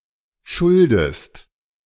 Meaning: inflection of schulden: 1. second-person singular present 2. second-person singular subjunctive I
- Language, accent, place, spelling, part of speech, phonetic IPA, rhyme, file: German, Germany, Berlin, schuldest, verb, [ˈʃʊldəst], -ʊldəst, De-schuldest.ogg